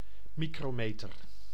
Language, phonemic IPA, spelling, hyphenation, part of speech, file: Dutch, /ˈmikroˌmetər/, micrometer, mi‧cro‧me‧ter, noun, Nl-micrometer.ogg
- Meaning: 1. micrometer (unit of measure) 2. micrometer (measuring device)